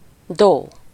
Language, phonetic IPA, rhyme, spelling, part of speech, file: Hungarian, [ˈdoː], -doː, dó, noun, Hu-dó.ogg
- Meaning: do, a syllable used in solfège to represent the first and eight note of a major scale